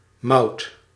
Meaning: malt
- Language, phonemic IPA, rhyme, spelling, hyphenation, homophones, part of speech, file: Dutch, /mɑu̯t/, -ɑu̯t, mout, mout, Maud, noun, Nl-mout.ogg